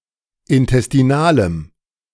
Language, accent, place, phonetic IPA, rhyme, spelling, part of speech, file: German, Germany, Berlin, [ɪntɛstiˈnaːləm], -aːləm, intestinalem, adjective, De-intestinalem.ogg
- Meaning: strong dative masculine/neuter singular of intestinal